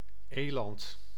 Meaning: 1. elk, moose, Alces alces 2. common eland, eland antilope, Taurotragus oryx
- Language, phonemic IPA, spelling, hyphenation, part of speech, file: Dutch, /ˈeːlɑnt/, eland, eland, noun, Nl-eland.ogg